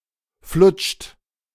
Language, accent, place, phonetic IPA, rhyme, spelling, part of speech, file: German, Germany, Berlin, [flʊt͡ʃt], -ʊt͡ʃt, flutscht, verb, De-flutscht.ogg
- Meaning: inflection of flutschen: 1. second-person plural present 2. third-person singular present 3. plural imperative